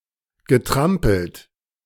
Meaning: past participle of trampeln
- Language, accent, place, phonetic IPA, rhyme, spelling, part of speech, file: German, Germany, Berlin, [ɡəˈtʁampl̩t], -ampl̩t, getrampelt, verb, De-getrampelt.ogg